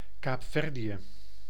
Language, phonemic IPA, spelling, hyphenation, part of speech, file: Dutch, /ˌkaːpˈfɛr.di.ə/, Kaapverdië, Kaap‧ver‧dië, proper noun, Nl-Kaapverdië.ogg
- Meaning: Cape Verde (an archipelago and country in West Africa)